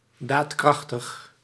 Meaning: resolute, firm
- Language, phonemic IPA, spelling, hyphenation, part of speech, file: Dutch, /ˌdaːtˈkrɑx.təx/, daadkrachtig, daad‧krach‧tig, adjective, Nl-daadkrachtig.ogg